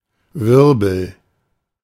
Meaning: 1. whirl 2. whorl 3. vortex 4. vertebra 5. eddy
- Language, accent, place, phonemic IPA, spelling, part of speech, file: German, Germany, Berlin, /ˈvɪʁbl̩/, Wirbel, noun, De-Wirbel.ogg